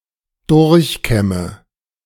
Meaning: inflection of durchkämmen: 1. first-person singular present 2. singular imperative 3. first/third-person singular subjunctive I
- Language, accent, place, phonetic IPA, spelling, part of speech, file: German, Germany, Berlin, [ˈdʊʁçˌkɛmə], durchkämme, verb, De-durchkämme.ogg